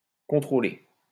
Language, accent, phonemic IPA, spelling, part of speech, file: French, France, /kɔ̃.tʁo.le/, contrôler, verb, LL-Q150 (fra)-contrôler.wav
- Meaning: 1. to check or examine 2. to control